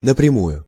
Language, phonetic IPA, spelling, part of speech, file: Russian, [nəprʲɪˈmujʊ], напрямую, adverb, Ru-напрямую.ogg
- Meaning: 1. bluntly, point-blank (in a blunt manner) 2. directly, straight